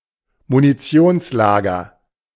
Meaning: ammunition depot
- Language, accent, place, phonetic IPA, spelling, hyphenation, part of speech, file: German, Germany, Berlin, [muniˈt͡si̯oːnsˌlaːɡɐ], Munitionslager, Mu‧ni‧ti‧ons‧la‧ger, noun, De-Munitionslager.ogg